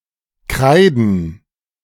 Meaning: plural of Kreide
- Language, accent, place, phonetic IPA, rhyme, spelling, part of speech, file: German, Germany, Berlin, [ˈkʁaɪ̯dn̩], -aɪ̯dn̩, Kreiden, noun, De-Kreiden.ogg